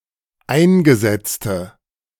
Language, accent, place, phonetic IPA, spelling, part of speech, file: German, Germany, Berlin, [ˈaɪ̯nɡəˌzɛt͡stə], eingesetzte, adjective, De-eingesetzte.ogg
- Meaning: inflection of eingesetzt: 1. strong/mixed nominative/accusative feminine singular 2. strong nominative/accusative plural 3. weak nominative all-gender singular